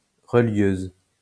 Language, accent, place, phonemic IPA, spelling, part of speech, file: French, France, Lyon, /ʁə.ljøz/, relieuse, noun, LL-Q150 (fra)-relieuse.wav
- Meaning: female equivalent of relieur